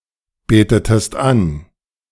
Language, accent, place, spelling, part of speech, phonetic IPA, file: German, Germany, Berlin, betetest an, verb, [ˌbeːtətəst ˈan], De-betetest an.ogg
- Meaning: inflection of anbeten: 1. second-person singular preterite 2. second-person singular subjunctive II